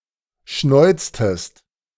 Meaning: inflection of schnäuzen: 1. second-person singular preterite 2. second-person singular subjunctive II
- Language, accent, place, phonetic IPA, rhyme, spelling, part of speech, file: German, Germany, Berlin, [ˈʃnɔɪ̯t͡stəst], -ɔɪ̯t͡stəst, schnäuztest, verb, De-schnäuztest.ogg